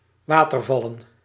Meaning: plural of waterval
- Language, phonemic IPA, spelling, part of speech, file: Dutch, /ˈwatərˌvɑlə(n)/, watervallen, noun, Nl-watervallen.ogg